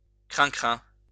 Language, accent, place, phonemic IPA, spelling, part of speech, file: French, France, Lyon, /kʁɛ̃.kʁɛ̃/, crincrin, noun, LL-Q150 (fra)-crincrin.wav
- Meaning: squeaky fiddle/violin; sawing, squeaking